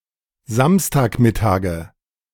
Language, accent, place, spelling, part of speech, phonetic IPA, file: German, Germany, Berlin, Samstagmittage, noun, [ˈzamstaːkˌmɪtaːɡə], De-Samstagmittage.ogg
- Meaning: nominative/accusative/genitive plural of Samstagmittag